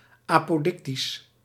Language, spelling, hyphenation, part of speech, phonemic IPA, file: Dutch, apodictisch, apo‧dic‧tisch, adjective, /ɑ.poːˈdɪk.tis/, Nl-apodictisch.ogg
- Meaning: apodictic